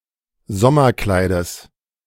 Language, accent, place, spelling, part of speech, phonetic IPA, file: German, Germany, Berlin, Sommerkleides, noun, [ˈzɔmɐˌklaɪ̯dəs], De-Sommerkleides.ogg
- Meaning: genitive singular of Sommerkleid